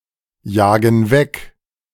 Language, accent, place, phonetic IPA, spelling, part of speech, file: German, Germany, Berlin, [ˌjaːɡn̩ ˈvɛk], jagen weg, verb, De-jagen weg.ogg
- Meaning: inflection of wegjagen: 1. first/third-person plural present 2. first/third-person plural subjunctive I